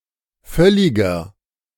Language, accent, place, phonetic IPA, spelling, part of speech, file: German, Germany, Berlin, [ˈfœlɪɡɐ], völliger, adjective, De-völliger.ogg
- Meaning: inflection of völlig: 1. strong/mixed nominative masculine singular 2. strong genitive/dative feminine singular 3. strong genitive plural